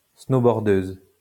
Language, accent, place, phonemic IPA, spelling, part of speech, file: French, France, Lyon, /sno.bɔʁ.døz/, snowboardeuse, noun, LL-Q150 (fra)-snowboardeuse.wav
- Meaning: female equivalent of snowboardeur